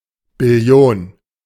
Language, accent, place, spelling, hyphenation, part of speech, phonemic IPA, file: German, Germany, Berlin, Billion, Bil‧li‧on, noun, /bɪˈli̯oːn/, De-Billion.ogg
- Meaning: trillion (10¹²)